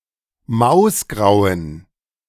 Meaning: inflection of mausgrau: 1. strong genitive masculine/neuter singular 2. weak/mixed genitive/dative all-gender singular 3. strong/weak/mixed accusative masculine singular 4. strong dative plural
- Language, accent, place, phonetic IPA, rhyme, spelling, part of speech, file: German, Germany, Berlin, [ˈmaʊ̯sˌɡʁaʊ̯ən], -aʊ̯sɡʁaʊ̯ən, mausgrauen, adjective, De-mausgrauen.ogg